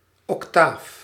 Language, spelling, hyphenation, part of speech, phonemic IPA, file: Dutch, octaaf, oc‧taaf, noun, /ɔkˈtaf/, Nl-octaaf.ogg
- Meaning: octave